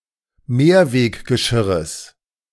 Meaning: genitive singular of Mehrweggeschirr
- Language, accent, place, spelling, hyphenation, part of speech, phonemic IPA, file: German, Germany, Berlin, Mehrweggeschirres, Mehr‧weg‧ge‧schir‧res, noun, /ˈmeːɐ̯veːkɡəˌʃɪʁəs/, De-Mehrweggeschirres.ogg